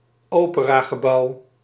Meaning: opera building, opera house
- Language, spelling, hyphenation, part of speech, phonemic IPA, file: Dutch, operagebouw, ope‧ra‧ge‧bouw, noun, /ˈoː.pə.raː.ɣəˌbɑu̯/, Nl-operagebouw.ogg